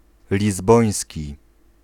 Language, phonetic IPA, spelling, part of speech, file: Polish, [lʲizˈbɔ̃j̃sʲci], lizboński, adjective, Pl-lizboński.ogg